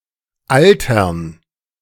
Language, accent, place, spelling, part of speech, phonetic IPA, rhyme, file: German, Germany, Berlin, Altern, noun, [ˈaltɐn], -altɐn, De-Altern.ogg
- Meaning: 1. gerund of altern 2. dative plural of Alter